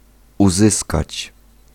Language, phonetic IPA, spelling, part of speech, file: Polish, [uˈzɨskat͡ɕ], uzyskać, verb, Pl-uzyskać.ogg